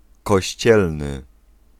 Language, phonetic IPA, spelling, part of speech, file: Polish, [kɔɕˈt͡ɕɛlnɨ], kościelny, adjective / noun, Pl-kościelny.ogg